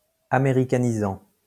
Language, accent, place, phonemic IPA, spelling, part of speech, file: French, France, Lyon, /a.me.ʁi.ka.ni.zɑ̃/, américanisant, verb, LL-Q150 (fra)-américanisant.wav
- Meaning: present participle of américaniser